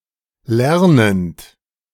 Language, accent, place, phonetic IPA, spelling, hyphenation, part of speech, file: German, Germany, Berlin, [ˈlɛʁnənt], lernend, ler‧nend, verb / adjective, De-lernend.ogg
- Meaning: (verb) present participle of lernen; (adjective) learning